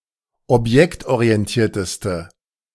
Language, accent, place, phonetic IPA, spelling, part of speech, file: German, Germany, Berlin, [ɔpˈjɛktʔoʁiɛnˌtiːɐ̯təstə], objektorientierteste, adjective, De-objektorientierteste.ogg
- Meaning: inflection of objektorientiert: 1. strong/mixed nominative/accusative feminine singular superlative degree 2. strong nominative/accusative plural superlative degree